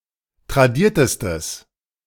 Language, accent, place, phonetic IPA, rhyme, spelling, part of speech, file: German, Germany, Berlin, [tʁaˈdiːɐ̯təstəs], -iːɐ̯təstəs, tradiertestes, adjective, De-tradiertestes.ogg
- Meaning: strong/mixed nominative/accusative neuter singular superlative degree of tradiert